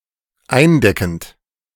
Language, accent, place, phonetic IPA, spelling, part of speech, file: German, Germany, Berlin, [ˈaɪ̯nˌdɛkn̩t], eindeckend, verb, De-eindeckend.ogg
- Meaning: present participle of eindecken